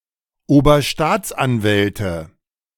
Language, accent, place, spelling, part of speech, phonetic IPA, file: German, Germany, Berlin, Oberstaatsanwälte, noun, [oːbɐˈʃtaːt͡sʔanˌvɛltə], De-Oberstaatsanwälte.ogg
- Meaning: nominative/accusative/genitive plural of Oberstaatsanwalt